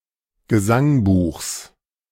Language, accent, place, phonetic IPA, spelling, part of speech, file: German, Germany, Berlin, [ɡəˈzaŋˌbuːxs], Gesangbuchs, noun, De-Gesangbuchs.ogg
- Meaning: genitive of Gesangbuch